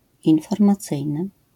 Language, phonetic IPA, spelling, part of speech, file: Polish, [ˌĩnfɔrmaˈt͡sɨjnɨ], informacyjny, adjective, LL-Q809 (pol)-informacyjny.wav